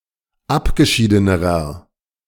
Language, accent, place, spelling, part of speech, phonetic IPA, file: German, Germany, Berlin, abgeschiedenerer, adjective, [ˈapɡəˌʃiːdənəʁɐ], De-abgeschiedenerer.ogg
- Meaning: inflection of abgeschieden: 1. strong/mixed nominative masculine singular comparative degree 2. strong genitive/dative feminine singular comparative degree 3. strong genitive plural comparative degree